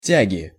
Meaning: inflection of тя́га (tjága): 1. genitive singular 2. nominative/accusative plural
- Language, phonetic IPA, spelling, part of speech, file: Russian, [ˈtʲæɡʲɪ], тяги, noun, Ru-тяги.ogg